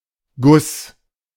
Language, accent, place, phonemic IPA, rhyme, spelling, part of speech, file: German, Germany, Berlin, /ɡʊs/, -ʊs, Guss, noun, De-Guss.ogg
- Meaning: 1. instance noun of gießen: a pour, pouring 2. casting 3. short for Regenguss (“downpour; a short, heavy rainfall”)